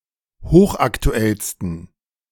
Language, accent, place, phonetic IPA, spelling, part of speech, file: German, Germany, Berlin, [ˈhoːxʔaktuˌɛlstn̩], hochaktuellsten, adjective, De-hochaktuellsten.ogg
- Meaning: 1. superlative degree of hochaktuell 2. inflection of hochaktuell: strong genitive masculine/neuter singular superlative degree